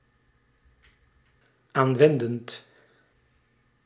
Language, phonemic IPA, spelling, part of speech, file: Dutch, /ˈaɱwɛndənt/, aanwendend, verb, Nl-aanwendend.ogg
- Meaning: present participle of aanwenden